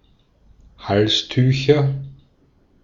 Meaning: nominative/accusative/genitive plural of Halstuch
- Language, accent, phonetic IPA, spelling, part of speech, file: German, Austria, [ˈhalsˌtyːçɐ], Halstücher, noun, De-at-Halstücher.ogg